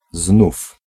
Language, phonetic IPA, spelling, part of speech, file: Polish, [znuf], znów, adverb, Pl-znów.ogg